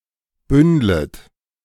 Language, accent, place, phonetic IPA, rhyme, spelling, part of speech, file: German, Germany, Berlin, [ˈbʏndlət], -ʏndlət, bündlet, verb, De-bündlet.ogg
- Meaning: second-person plural subjunctive I of bündeln